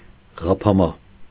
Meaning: ghapama
- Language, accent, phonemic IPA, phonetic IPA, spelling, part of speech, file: Armenian, Eastern Armenian, /ʁɑpʰɑˈmɑ/, [ʁɑpʰɑmɑ́], ղափամա, noun, Hy-ղափամա.ogg